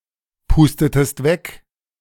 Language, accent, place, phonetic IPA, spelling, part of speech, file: German, Germany, Berlin, [ˌpuːstətəst ˈvɛk], pustetest weg, verb, De-pustetest weg.ogg
- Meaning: inflection of wegpusten: 1. second-person singular preterite 2. second-person singular subjunctive II